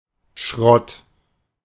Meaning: scrap; junk (discarded material, especially metal)
- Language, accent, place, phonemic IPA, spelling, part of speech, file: German, Germany, Berlin, /ʃʁɔt/, Schrott, noun, De-Schrott.ogg